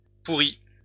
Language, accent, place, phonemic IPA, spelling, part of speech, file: French, France, Lyon, /pu.ʁi/, pourrie, adjective, LL-Q150 (fra)-pourrie.wav
- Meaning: feminine singular of pourri